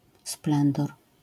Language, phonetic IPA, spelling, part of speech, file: Polish, [ˈsplɛ̃ndɔr], splendor, noun, LL-Q809 (pol)-splendor.wav